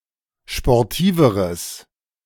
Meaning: strong/mixed nominative/accusative neuter singular comparative degree of sportiv
- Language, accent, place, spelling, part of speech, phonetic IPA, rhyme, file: German, Germany, Berlin, sportiveres, adjective, [ʃpɔʁˈtiːvəʁəs], -iːvəʁəs, De-sportiveres.ogg